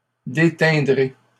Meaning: first-person singular simple future of déteindre
- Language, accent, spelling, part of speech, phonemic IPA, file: French, Canada, déteindrai, verb, /de.tɛ̃.dʁe/, LL-Q150 (fra)-déteindrai.wav